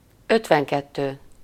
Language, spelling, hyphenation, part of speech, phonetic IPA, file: Hungarian, ötvenkettő, öt‧ven‧ket‧tő, numeral, [ˈøtvɛŋkɛtːøː], Hu-ötvenkettő.ogg
- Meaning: fifty-two